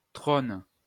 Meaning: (noun) 1. throne (royal seat) 2. throne (lavatory); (verb) inflection of trôner: 1. first/third-person singular present indicative/subjunctive 2. second-person singular imperative
- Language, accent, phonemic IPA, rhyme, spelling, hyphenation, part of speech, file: French, France, /tʁon/, -on, trône, trône, noun / verb, LL-Q150 (fra)-trône.wav